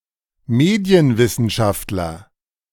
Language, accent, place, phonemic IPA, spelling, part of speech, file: German, Germany, Berlin, /ˈmeːdiənˌvɪsənʃaftlɐ/, Medienwissenschaftler, noun, De-Medienwissenschaftler.ogg
- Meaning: media scholar (a specialist in the history and effects of mass media)